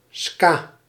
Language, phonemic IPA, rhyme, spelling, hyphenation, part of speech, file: Dutch, /skaː/, -aː, ska, ska, noun, Nl-ska.ogg
- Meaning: ska